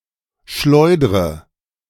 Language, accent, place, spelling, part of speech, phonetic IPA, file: German, Germany, Berlin, schleudre, verb, [ˈʃlɔɪ̯dʁə], De-schleudre.ogg
- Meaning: inflection of schleudern: 1. first-person singular present 2. first/third-person singular subjunctive I 3. singular imperative